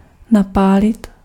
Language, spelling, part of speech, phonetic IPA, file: Czech, napálit, verb, [ˈnapaːlɪt], Cs-napálit.ogg
- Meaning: 1. to swindle, trick, outwit 2. smash, punch, hit 3. crash, hit 4. burn (write data to a permanent storage medium like a compact disc or a ROM chip)